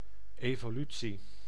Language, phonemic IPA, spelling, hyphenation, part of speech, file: Dutch, /ˌeː.voːˈly.(t)si/, evolutie, evo‧lu‧tie, noun, Nl-evolutie.ogg
- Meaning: evolution (general: a gradual process of development)